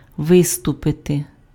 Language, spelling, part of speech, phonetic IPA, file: Ukrainian, виступити, verb, [ˈʋɪstʊpete], Uk-виступити.ogg
- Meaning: 1. to step forth, to step forward, to come forward 2. to appear (make an appearance; come before the public) 3. to perform (do something in front of an audience)